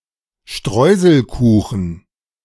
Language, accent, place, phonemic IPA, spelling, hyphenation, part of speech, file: German, Germany, Berlin, /ˈʃtrɔɪzl̩kuːxən/, Streuselkuchen, Streu‧sel‧ku‧chen, noun, De-Streuselkuchen.ogg
- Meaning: Streuselkuchen